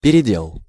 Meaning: 1. repartition, redivision, redistribution 2. reprocessing or remelting of lower-grade metal into higher-grade metal 3. trouble, difficulty
- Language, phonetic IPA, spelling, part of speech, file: Russian, [pʲɪrʲɪˈdʲeɫ], передел, noun, Ru-передел.ogg